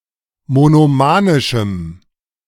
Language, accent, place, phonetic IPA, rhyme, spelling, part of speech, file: German, Germany, Berlin, [monoˈmaːnɪʃm̩], -aːnɪʃm̩, monomanischem, adjective, De-monomanischem.ogg
- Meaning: strong dative masculine/neuter singular of monomanisch